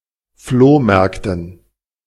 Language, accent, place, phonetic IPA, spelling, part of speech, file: German, Germany, Berlin, [ˈfloːˌmɛʁktn̩], Flohmärkten, noun, De-Flohmärkten.ogg
- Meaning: dative plural of Flohmarkt